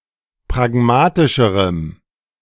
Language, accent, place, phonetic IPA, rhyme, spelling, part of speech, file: German, Germany, Berlin, [pʁaˈɡmaːtɪʃəʁəm], -aːtɪʃəʁəm, pragmatischerem, adjective, De-pragmatischerem.ogg
- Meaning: strong dative masculine/neuter singular comparative degree of pragmatisch